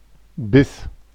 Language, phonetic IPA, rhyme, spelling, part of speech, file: German, [bɪs], -ɪs, biss, verb, De-biss.oga
- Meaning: first/third-person singular preterite of beißen